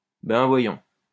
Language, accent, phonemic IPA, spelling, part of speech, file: French, France, /bɛ̃ vwa.jɔ̃/, ben voyons, interjection, LL-Q150 (fra)-ben voyons.wav
- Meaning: I'll bet! well, well! come on! yeah, right! what a coincidence! (used ironically to indicate disbelief of a statement)